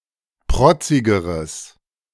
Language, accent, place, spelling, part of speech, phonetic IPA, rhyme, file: German, Germany, Berlin, protzigeres, adjective, [ˈpʁɔt͡sɪɡəʁəs], -ɔt͡sɪɡəʁəs, De-protzigeres.ogg
- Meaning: strong/mixed nominative/accusative neuter singular comparative degree of protzig